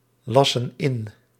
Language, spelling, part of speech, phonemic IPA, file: Dutch, lassen in, verb, /ˈlɑsə(n) ˈɪn/, Nl-lassen in.ogg
- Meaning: inflection of inlassen: 1. plural present indicative 2. plural present subjunctive